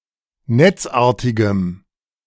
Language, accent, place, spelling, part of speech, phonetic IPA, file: German, Germany, Berlin, netzartigem, adjective, [ˈnɛt͡sˌʔaːɐ̯tɪɡəm], De-netzartigem.ogg
- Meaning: strong dative masculine/neuter singular of netzartig